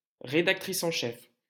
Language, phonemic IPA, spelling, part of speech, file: French, /ʁe.dak.tʁis ɑ̃ ʃɛf/, rédactrice en chef, noun, LL-Q150 (fra)-rédactrice en chef.wav
- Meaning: female equivalent of rédacteur en chef